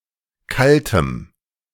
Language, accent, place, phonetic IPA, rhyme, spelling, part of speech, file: German, Germany, Berlin, [ˈkaltəm], -altəm, kaltem, adjective, De-kaltem.ogg
- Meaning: strong dative masculine/neuter singular of kalt